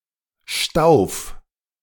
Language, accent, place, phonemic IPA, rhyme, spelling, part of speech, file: German, Germany, Berlin, /ʃtaʊ̯f/, -aʊ̯f, Stauf, noun, De-Stauf.ogg
- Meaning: a cylindrical or slightly conical drinking vessel without a stem, typically with no handle, beaker